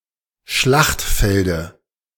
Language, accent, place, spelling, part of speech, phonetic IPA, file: German, Germany, Berlin, Schlachtfelde, noun, [ˈʃlaxtˌfɛldə], De-Schlachtfelde.ogg
- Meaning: dative of Schlachtfeld